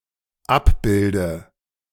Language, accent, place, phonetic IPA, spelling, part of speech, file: German, Germany, Berlin, [ˈapˌbɪldə], abbilde, verb, De-abbilde.ogg
- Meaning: inflection of abbilden: 1. first-person singular dependent present 2. first/third-person singular dependent subjunctive I